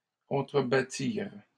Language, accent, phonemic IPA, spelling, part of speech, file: French, Canada, /kɔ̃.tʁə.ba.tiʁ/, contrebattirent, verb, LL-Q150 (fra)-contrebattirent.wav
- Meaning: third-person plural past historic of contrebattre